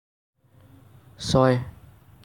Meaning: six
- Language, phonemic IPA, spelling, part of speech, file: Assamese, /sɔj/, ছয়, numeral, As-ছয়.ogg